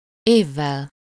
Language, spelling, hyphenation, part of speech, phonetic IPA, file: Hungarian, évvel, év‧vel, noun, [ˈeːvːɛl], Hu-évvel.ogg
- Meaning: instrumental singular of év